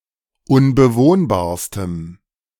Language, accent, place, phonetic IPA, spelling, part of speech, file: German, Germany, Berlin, [ʊnbəˈvoːnbaːɐ̯stəm], unbewohnbarstem, adjective, De-unbewohnbarstem.ogg
- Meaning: strong dative masculine/neuter singular superlative degree of unbewohnbar